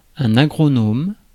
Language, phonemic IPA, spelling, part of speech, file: French, /a.ɡʁɔ.nɔm/, agronome, noun, Fr-agronome.ogg
- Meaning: agronomist